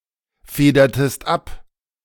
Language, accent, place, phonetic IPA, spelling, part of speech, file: German, Germany, Berlin, [ˌfeːdɐtəst ˈap], federtest ab, verb, De-federtest ab.ogg
- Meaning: inflection of abfedern: 1. second-person singular preterite 2. second-person singular subjunctive II